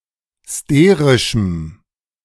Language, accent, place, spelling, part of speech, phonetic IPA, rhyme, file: German, Germany, Berlin, sterischem, adjective, [ˈsteːʁɪʃm̩], -eːʁɪʃm̩, De-sterischem.ogg
- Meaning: strong dative masculine/neuter singular of sterisch